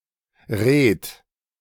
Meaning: alternative form of Ried: 1. reed as vegetation 2. reed as thatching
- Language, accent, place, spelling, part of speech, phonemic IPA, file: German, Germany, Berlin, Reet, noun, /ʁeːt/, De-Reet.ogg